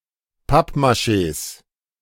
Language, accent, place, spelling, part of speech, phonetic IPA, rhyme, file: German, Germany, Berlin, Pappmachés, noun, [ˈpapmaˌʃeːs], -apmaʃeːs, De-Pappmachés.ogg
- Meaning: 1. genitive singular of Pappmaché 2. plural of Pappmaché